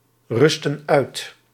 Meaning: inflection of uitrusten: 1. plural past indicative 2. plural past subjunctive
- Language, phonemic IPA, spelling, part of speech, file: Dutch, /ˈrʏstə(n) ˈœyt/, rustten uit, verb, Nl-rustten uit.ogg